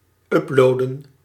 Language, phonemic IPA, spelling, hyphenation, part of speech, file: Dutch, /ˈʏpˌloːdə(n)/, uploaden, up‧loa‧den, verb, Nl-uploaden.ogg
- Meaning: to upload